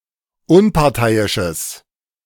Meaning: strong/mixed nominative/accusative neuter singular of unparteiisch
- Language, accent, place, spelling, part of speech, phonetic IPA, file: German, Germany, Berlin, unparteiisches, adjective, [ˈʊnpaʁˌtaɪ̯ɪʃəs], De-unparteiisches.ogg